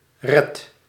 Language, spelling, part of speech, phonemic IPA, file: Dutch, redt, verb, /rɛt/, Nl-redt.ogg